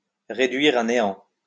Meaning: to wipe out, to annihilate; to dash, to shatter; to reverse, to nullify
- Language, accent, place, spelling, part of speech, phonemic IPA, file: French, France, Lyon, réduire à néant, verb, /ʁe.dɥiʁ a ne.ɑ̃/, LL-Q150 (fra)-réduire à néant.wav